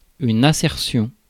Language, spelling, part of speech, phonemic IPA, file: French, assertion, noun, /a.sɛʁ.sjɔ̃/, Fr-assertion.ogg
- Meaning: assertion